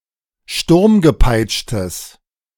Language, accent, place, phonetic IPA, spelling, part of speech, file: German, Germany, Berlin, [ˈʃtʊʁmɡəˌpaɪ̯t͡ʃtəs], sturmgepeitschtes, adjective, De-sturmgepeitschtes.ogg
- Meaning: strong/mixed nominative/accusative neuter singular of sturmgepeitscht